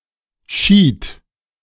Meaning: asp (fish)
- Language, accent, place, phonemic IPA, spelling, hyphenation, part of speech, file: German, Germany, Berlin, /ʃiːt/, Schied, Schied, noun, De-Schied.ogg